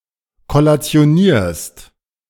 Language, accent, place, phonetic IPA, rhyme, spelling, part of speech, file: German, Germany, Berlin, [kɔlat͡si̯oˈniːɐ̯st], -iːɐ̯st, kollationierst, verb, De-kollationierst.ogg
- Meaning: second-person singular present of kollationieren